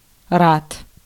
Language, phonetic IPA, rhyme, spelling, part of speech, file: Russian, [rat], -at, рад, adjective / noun, Ru-рад.ogg
- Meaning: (adjective) glad; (noun) 1. rad (non-SI unit of absorbed radiation dose) 2. radian 3. genitive plural of ра́да (ráda)